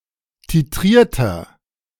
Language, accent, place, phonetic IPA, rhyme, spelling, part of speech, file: German, Germany, Berlin, [tiˈtʁiːɐ̯tɐ], -iːɐ̯tɐ, titrierter, adjective, De-titrierter.ogg
- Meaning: inflection of titriert: 1. strong/mixed nominative masculine singular 2. strong genitive/dative feminine singular 3. strong genitive plural